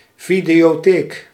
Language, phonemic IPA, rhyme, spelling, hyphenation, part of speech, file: Dutch, /ˌvi.di.oːˈteːk/, -eːk, videotheek, vi‧deo‧theek, noun, Nl-videotheek.ogg
- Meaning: video rental store